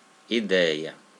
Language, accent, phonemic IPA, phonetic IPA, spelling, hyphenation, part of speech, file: Portuguese, Brazil, /iˈdɛj.ɐ/, [iˈdɛɪ̯.ɐ], ideia, i‧dei‧a, noun, Pt-br-ideia.ogg
- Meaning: 1. idea (that which comes to mind) 2. plan, project 3. objective, conception or conviction that is based on something 4. intellect, mind, group of convictions and opinions of somebody 5. head